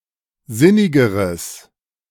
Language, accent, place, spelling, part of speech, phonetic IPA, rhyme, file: German, Germany, Berlin, sinnigeres, adjective, [ˈzɪnɪɡəʁəs], -ɪnɪɡəʁəs, De-sinnigeres.ogg
- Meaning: strong/mixed nominative/accusative neuter singular comparative degree of sinnig